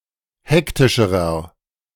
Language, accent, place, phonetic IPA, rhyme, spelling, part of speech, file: German, Germany, Berlin, [ˈhɛktɪʃəʁɐ], -ɛktɪʃəʁɐ, hektischerer, adjective, De-hektischerer.ogg
- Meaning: inflection of hektisch: 1. strong/mixed nominative masculine singular comparative degree 2. strong genitive/dative feminine singular comparative degree 3. strong genitive plural comparative degree